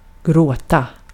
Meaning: to cry, to weep
- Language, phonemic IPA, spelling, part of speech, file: Swedish, /ˈɡroːˌta/, gråta, verb, Sv-gråta.ogg